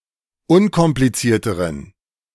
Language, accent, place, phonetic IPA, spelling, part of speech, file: German, Germany, Berlin, [ˈʊnkɔmplit͡siːɐ̯təʁən], unkomplizierteren, adjective, De-unkomplizierteren.ogg
- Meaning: inflection of unkompliziert: 1. strong genitive masculine/neuter singular comparative degree 2. weak/mixed genitive/dative all-gender singular comparative degree